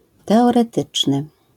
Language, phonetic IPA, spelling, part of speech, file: Polish, [ˌtɛɔrɛˈtɨt͡ʃnɨ], teoretyczny, adjective, LL-Q809 (pol)-teoretyczny.wav